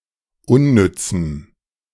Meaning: strong dative masculine/neuter singular of unnütz
- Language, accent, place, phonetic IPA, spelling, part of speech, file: German, Germany, Berlin, [ˈʊnˌnʏt͡sm̩], unnützem, adjective, De-unnützem.ogg